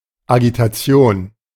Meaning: agitation
- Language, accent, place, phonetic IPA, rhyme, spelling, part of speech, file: German, Germany, Berlin, [aɡitaˈt͡si̯oːn], -oːn, Agitation, noun, De-Agitation.ogg